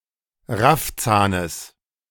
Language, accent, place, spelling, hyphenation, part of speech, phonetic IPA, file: German, Germany, Berlin, Raffzahnes, Raff‧zah‧nes, noun, [ˈʁafˌt͡saːnəs], De-Raffzahnes.ogg
- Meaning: genitive singular of Raffzahn